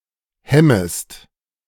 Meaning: second-person singular subjunctive I of hemmen
- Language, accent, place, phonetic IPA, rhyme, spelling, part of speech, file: German, Germany, Berlin, [ˈhɛməst], -ɛməst, hemmest, verb, De-hemmest.ogg